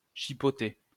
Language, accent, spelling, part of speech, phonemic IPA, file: French, France, chipoter, verb, /ʃi.pɔ.te/, LL-Q150 (fra)-chipoter.wav
- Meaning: 1. to nibble 2. to quibble, haggle